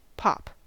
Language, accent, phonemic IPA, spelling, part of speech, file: English, US, /pɑp/, pop, noun / verb / interjection / adjective, En-us-pop.ogg
- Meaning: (noun) 1. A loud, sharp sound, as of a cork coming out of a bottle, especially when the contents are pressurized by fizziness 2. An effervescent or fizzy drink, most frequently nonalcoholic; soda pop